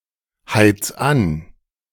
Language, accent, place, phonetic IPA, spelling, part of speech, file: German, Germany, Berlin, [ˌhaɪ̯t͡s ˈan], heiz an, verb, De-heiz an.ogg
- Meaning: 1. singular imperative of anheizen 2. first-person singular present of anheizen